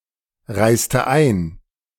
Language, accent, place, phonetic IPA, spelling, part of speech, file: German, Germany, Berlin, [ˌʁaɪ̯stə ˈaɪ̯n], reiste ein, verb, De-reiste ein.ogg
- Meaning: inflection of einreisen: 1. first/third-person singular preterite 2. first/third-person singular subjunctive II